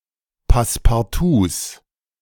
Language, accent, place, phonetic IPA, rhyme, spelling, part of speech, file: German, Germany, Berlin, [paspaʁˈtuːs], -uːs, Passepartouts, noun, De-Passepartouts.ogg
- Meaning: plural of Passepartout